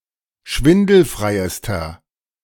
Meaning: inflection of schwindelfrei: 1. strong/mixed nominative masculine singular superlative degree 2. strong genitive/dative feminine singular superlative degree
- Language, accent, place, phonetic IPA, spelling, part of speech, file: German, Germany, Berlin, [ˈʃvɪndl̩fʁaɪ̯əstɐ], schwindelfreiester, adjective, De-schwindelfreiester.ogg